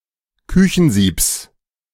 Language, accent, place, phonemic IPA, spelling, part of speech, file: German, Germany, Berlin, /ˈkʏçn̩ˌziːps/, Küchensiebs, noun, De-Küchensiebs.ogg
- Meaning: genitive singular of Küchensieb